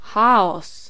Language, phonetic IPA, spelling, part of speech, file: Polish, [ˈxaɔs], chaos, noun, Pl-chaos.ogg